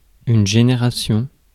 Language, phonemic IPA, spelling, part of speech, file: French, /ʒe.ne.ʁa.sjɔ̃/, génération, noun, Fr-génération.ogg
- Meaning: 1. generation (act of generating) 2. generation (rank in genealogy)